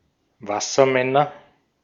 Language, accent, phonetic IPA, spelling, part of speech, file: German, Austria, [ˈvasɐˌmɛnɐ], Wassermänner, noun, De-at-Wassermänner.ogg
- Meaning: nominative/accusative/genitive plural of Wassermann